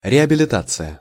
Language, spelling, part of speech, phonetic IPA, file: Russian, реабилитация, noun, [rʲɪəbʲɪlʲɪˈtat͡sɨjə], Ru-реабилитация.ogg
- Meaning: 1. rehabilitation 2. exoneration